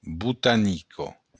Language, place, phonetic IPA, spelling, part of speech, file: Occitan, Béarn, [butaˈniko], botanica, noun / adjective, LL-Q14185 (oci)-botanica.wav
- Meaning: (noun) botany; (adjective) feminine singular of botanic